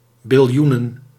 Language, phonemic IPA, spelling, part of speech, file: Dutch, /bɪlˈjunə(n)/, biljoenen, noun, Nl-biljoenen.ogg
- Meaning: plural of biljoen